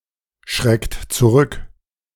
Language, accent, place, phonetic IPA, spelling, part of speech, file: German, Germany, Berlin, [ˌʃʁɛkt t͡suˈʁʏk], schreckt zurück, verb, De-schreckt zurück.ogg
- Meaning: inflection of zurückschrecken: 1. second-person plural present 2. third-person singular present 3. plural imperative